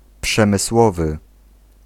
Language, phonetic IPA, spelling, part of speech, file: Polish, [ˌpʃɛ̃mɨˈswɔvɨ], przemysłowy, adjective, Pl-przemysłowy.ogg